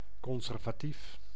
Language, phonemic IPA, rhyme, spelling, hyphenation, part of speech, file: Dutch, /ˌkɔn.zɛr.vaːˈtif/, -if, conservatief, con‧ser‧va‧tief, adjective / noun, Nl-conservatief.ogg
- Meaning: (adjective) 1. conservative, opposing (rapid) change, favouring a small government 2. moderate, reserved 3. conservative, careful; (noun) a conservative